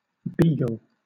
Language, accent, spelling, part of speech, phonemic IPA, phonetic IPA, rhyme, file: English, Southern England, beagle, noun / verb, /ˈbiːɡəl/, [ˈb̥iːɡəɫ], -iːɡəl, LL-Q1860 (eng)-beagle.wav
- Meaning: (noun) A small short-legged smooth-coated scenthound, often tricolored and sometimes used for hunting hares. Its friendly disposition makes it suitable as a family pet